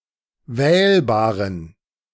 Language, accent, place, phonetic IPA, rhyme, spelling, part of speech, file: German, Germany, Berlin, [ˈvɛːlbaːʁən], -ɛːlbaːʁən, wählbaren, adjective, De-wählbaren.ogg
- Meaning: inflection of wählbar: 1. strong genitive masculine/neuter singular 2. weak/mixed genitive/dative all-gender singular 3. strong/weak/mixed accusative masculine singular 4. strong dative plural